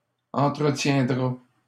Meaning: third-person singular simple future of entretenir
- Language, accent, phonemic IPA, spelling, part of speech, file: French, Canada, /ɑ̃.tʁə.tjɛ̃.dʁa/, entretiendra, verb, LL-Q150 (fra)-entretiendra.wav